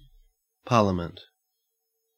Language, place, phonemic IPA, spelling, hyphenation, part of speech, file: English, Queensland, /ˈpɐːləmənt/, parliament, par‧lia‧ment, noun, En-au-parliament.ogg
- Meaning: A formal council summoned (especially by a monarch) to discuss important issues